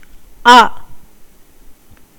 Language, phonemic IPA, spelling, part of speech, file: Tamil, /ɐ/, அ, character, Ta-அ.ogg
- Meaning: The first vowel in Tamil